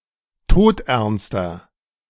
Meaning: inflection of todernst: 1. strong/mixed nominative masculine singular 2. strong genitive/dative feminine singular 3. strong genitive plural
- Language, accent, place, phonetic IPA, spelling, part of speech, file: German, Germany, Berlin, [ˈtoːtʔɛʁnstɐ], todernster, adjective, De-todernster.ogg